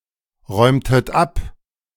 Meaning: inflection of abräumen: 1. second-person plural preterite 2. second-person plural subjunctive II
- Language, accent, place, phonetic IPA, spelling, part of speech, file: German, Germany, Berlin, [ˌʁɔɪ̯mtət ˈap], räumtet ab, verb, De-räumtet ab.ogg